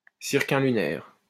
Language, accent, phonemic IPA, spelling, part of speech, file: French, France, /siʁ.kɔm.ly.nɛʁ/, circumlunaire, adjective, LL-Q150 (fra)-circumlunaire.wav
- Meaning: circumlunar